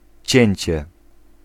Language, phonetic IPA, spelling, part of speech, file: Polish, [ˈt͡ɕɛ̇̃ɲt͡ɕɛ], cięcie, noun, Pl-cięcie.ogg